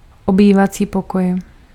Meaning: living room
- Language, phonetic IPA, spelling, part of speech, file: Czech, [obiːvat͡siː pokoj], obývací pokoj, noun, Cs-obývací pokoj.ogg